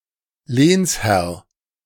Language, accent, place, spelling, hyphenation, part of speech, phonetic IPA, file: German, Germany, Berlin, Lehnsherr, Lehns‧herr, noun, [ˈleːnsˌhɛʁ], De-Lehnsherr.ogg
- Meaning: liege lord